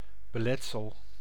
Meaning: obstacle, hindrance
- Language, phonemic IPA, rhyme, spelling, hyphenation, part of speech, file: Dutch, /bəˈlɛt.səl/, -ɛtsəl, beletsel, be‧let‧sel, noun, Nl-beletsel.ogg